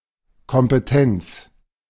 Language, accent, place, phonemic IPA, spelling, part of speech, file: German, Germany, Berlin, /kɔmpəˈtɛnt͡s/, Kompetenz, noun, De-Kompetenz.ogg
- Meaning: competence, power, authority